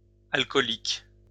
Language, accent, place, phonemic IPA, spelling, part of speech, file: French, France, Lyon, /al.kɔ.lik/, alcooliques, adjective, LL-Q150 (fra)-alcooliques.wav
- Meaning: plural of alcoolique